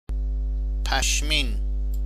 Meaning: woolen (US) or woollen (UK); wooly (US) or woolly
- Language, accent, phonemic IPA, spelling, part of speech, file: Persian, Iran, /pæʃˈmiːn/, پشمین, adjective, Fa-پشمین.ogg